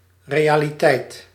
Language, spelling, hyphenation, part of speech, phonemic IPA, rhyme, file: Dutch, realiteit, re‧a‧li‧teit, noun, /ˌreː.aː.liˈtɛi̯t/, -ɛi̯t, Nl-realiteit.ogg
- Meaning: reality